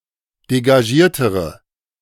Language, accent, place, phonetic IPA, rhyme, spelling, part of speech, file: German, Germany, Berlin, [deɡaˈʒiːɐ̯təʁə], -iːɐ̯təʁə, degagiertere, adjective, De-degagiertere.ogg
- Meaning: inflection of degagiert: 1. strong/mixed nominative/accusative feminine singular comparative degree 2. strong nominative/accusative plural comparative degree